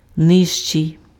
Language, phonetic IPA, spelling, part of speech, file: Ukrainian, [ˈnɪʒt͡ʃei̯], нижчий, adjective, Uk-нижчий.ogg
- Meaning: comparative degree of низьки́й (nyzʹkýj): 1. lower 2. shorter